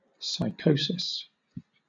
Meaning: A severe mental disorder, sometimes with physical damage to the brain, marked by a deranged personality and a distorted view of reality
- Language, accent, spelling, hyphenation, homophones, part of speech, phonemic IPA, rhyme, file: English, Southern England, psychosis, psych‧o‧sis, sycosis, noun, /saɪˈkəʊsɪs/, -əʊsɪs, LL-Q1860 (eng)-psychosis.wav